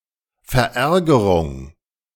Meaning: annoyance
- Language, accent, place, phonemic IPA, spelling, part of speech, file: German, Germany, Berlin, /fɛɐ̯ˈɛɐ̯ɡɐʁʊŋ/, Verärgerung, noun, De-Verärgerung.ogg